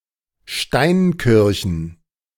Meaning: plural of Steinkirche
- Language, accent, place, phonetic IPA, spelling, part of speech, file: German, Germany, Berlin, [ˈʃtaɪ̯nˌkɪʁçn̩], Steinkirchen, noun, De-Steinkirchen.ogg